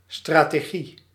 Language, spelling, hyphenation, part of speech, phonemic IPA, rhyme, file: Dutch, strategie, stra‧te‧gie, noun, /ˌstraː.teːˈɣi/, -i, Nl-strategie.ogg
- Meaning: strategy